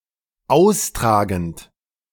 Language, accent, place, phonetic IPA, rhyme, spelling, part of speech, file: German, Germany, Berlin, [ˈaʊ̯sˌtʁaːɡn̩t], -aʊ̯stʁaːɡn̩t, austragend, verb, De-austragend.ogg
- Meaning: present participle of austragen